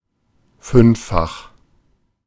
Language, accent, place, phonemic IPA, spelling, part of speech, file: German, Germany, Berlin, /ˈfʏnfˌfax/, fünffach, adjective, De-fünffach.ogg
- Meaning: fivefold, quintuple